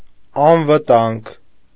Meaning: safe, secure
- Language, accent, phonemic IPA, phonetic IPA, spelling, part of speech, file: Armenian, Eastern Armenian, /ɑnvəˈtɑnɡ/, [ɑnvətɑ́ŋɡ], անվտանգ, adjective, Hy-անվտանգ.ogg